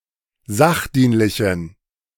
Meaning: inflection of sachdienlich: 1. strong genitive masculine/neuter singular 2. weak/mixed genitive/dative all-gender singular 3. strong/weak/mixed accusative masculine singular 4. strong dative plural
- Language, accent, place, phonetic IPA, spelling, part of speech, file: German, Germany, Berlin, [ˈzaxˌdiːnlɪçn̩], sachdienlichen, adjective, De-sachdienlichen.ogg